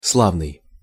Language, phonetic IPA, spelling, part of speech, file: Russian, [ˈsɫavnɨj], славный, adjective, Ru-славный.ogg
- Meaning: 1. famous, renowned 2. glorious 3. nice 4. capital, dandy